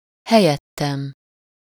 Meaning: first-person singular of helyette
- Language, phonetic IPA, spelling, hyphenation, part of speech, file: Hungarian, [ˈhɛjɛtːɛm], helyettem, he‧lyet‧tem, pronoun, Hu-helyettem.ogg